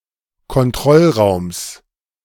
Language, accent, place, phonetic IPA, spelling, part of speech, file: German, Germany, Berlin, [kɔnˈtʁɔlˌʁaʊ̯ms], Kontrollraums, noun, De-Kontrollraums.ogg
- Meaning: genitive of Kontrollraum